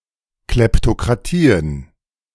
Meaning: plural of Kleptokratie
- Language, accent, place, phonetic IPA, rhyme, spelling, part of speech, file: German, Germany, Berlin, [ˌklɛptokʁaˈtiːən], -iːən, Kleptokratien, noun, De-Kleptokratien.ogg